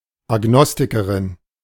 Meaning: agnostic (female)
- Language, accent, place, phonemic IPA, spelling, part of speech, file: German, Germany, Berlin, /aˈɡnɔstikəʁɪn/, Agnostikerin, noun, De-Agnostikerin.ogg